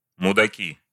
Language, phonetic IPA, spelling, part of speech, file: Russian, [mʊdɐˈkʲi], мудаки, noun, Ru-мудаки.ogg
- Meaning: nominative plural of муда́к (mudák)